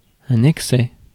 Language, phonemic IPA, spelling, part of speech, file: French, /ɛk.sɛ/, excès, noun, Fr-excès.ogg
- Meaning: excess